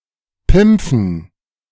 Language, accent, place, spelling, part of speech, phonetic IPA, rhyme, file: German, Germany, Berlin, Pimpfen, noun, [ˈpɪmp͡fn̩], -ɪmp͡fn̩, De-Pimpfen.ogg
- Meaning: dative plural of Pimpf